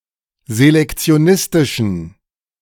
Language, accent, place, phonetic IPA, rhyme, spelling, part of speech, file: German, Germany, Berlin, [zelɛkt͡si̯oˈnɪstɪʃn̩], -ɪstɪʃn̩, selektionistischen, adjective, De-selektionistischen.ogg
- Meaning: inflection of selektionistisch: 1. strong genitive masculine/neuter singular 2. weak/mixed genitive/dative all-gender singular 3. strong/weak/mixed accusative masculine singular